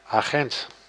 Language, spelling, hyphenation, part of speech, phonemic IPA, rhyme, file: Dutch, agent, agent, noun, /aːˈɣɛnt/, -ɛnt, Nl-agent.ogg
- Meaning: 1. a police officer 2. a police officer: a police officer of the low(est) rank, constable, junior officer 3. an undercover agent; intelligence officer, secret agent